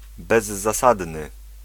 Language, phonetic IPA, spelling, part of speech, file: Polish, [ˌbɛzːaˈsadnɨ], bezzasadny, adjective, Pl-bezzasadny.ogg